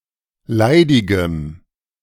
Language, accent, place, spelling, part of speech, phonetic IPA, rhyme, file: German, Germany, Berlin, leidigem, adjective, [ˈlaɪ̯dɪɡəm], -aɪ̯dɪɡəm, De-leidigem.ogg
- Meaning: strong dative masculine/neuter singular of leidig